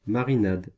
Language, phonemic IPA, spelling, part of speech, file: French, /ma.ʁi.nad/, marinade, noun, Fr-marinade.ogg
- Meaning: marinade